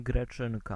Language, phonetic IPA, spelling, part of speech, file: Polish, [ɡrɛˈt͡ʃɨ̃nka], Greczynka, noun, Pl-Greczynka.ogg